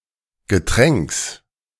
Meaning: genitive singular of Getränk
- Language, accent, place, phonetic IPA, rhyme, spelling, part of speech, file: German, Germany, Berlin, [ɡəˈtʁɛŋks], -ɛŋks, Getränks, noun, De-Getränks.ogg